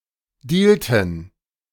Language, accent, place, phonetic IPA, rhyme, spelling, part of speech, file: German, Germany, Berlin, [ˈdiːltn̩], -iːltn̩, dealten, verb, De-dealten.ogg
- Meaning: inflection of dealen: 1. first/third-person plural preterite 2. first/third-person plural subjunctive II